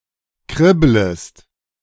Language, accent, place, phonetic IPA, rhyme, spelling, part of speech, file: German, Germany, Berlin, [ˈkʁɪbləst], -ɪbləst, kribblest, verb, De-kribblest.ogg
- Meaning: second-person singular subjunctive I of kribbeln